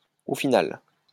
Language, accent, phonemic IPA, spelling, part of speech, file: French, France, /o fi.nal/, au final, adverb, LL-Q150 (fra)-au final.wav
- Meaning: in the end, after all, eventually, finally